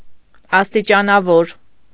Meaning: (adjective) gradual (having degrees or levels); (noun) senior official (in government)
- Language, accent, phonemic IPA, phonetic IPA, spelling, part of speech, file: Armenian, Eastern Armenian, /ɑstit͡ʃɑnɑˈvoɾ/, [ɑstit͡ʃɑnɑvóɾ], աստիճանավոր, adjective / noun, Hy-աստիճանավոր.ogg